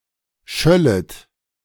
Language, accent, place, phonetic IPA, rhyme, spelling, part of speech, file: German, Germany, Berlin, [ˈʃœlət], -œlət, schöllet, verb, De-schöllet.ogg
- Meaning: second-person plural subjunctive II of schallen